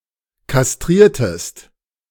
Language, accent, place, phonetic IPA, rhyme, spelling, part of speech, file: German, Germany, Berlin, [kasˈtʁiːɐ̯təst], -iːɐ̯təst, kastriertest, verb, De-kastriertest.ogg
- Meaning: inflection of kastrieren: 1. second-person singular preterite 2. second-person singular subjunctive II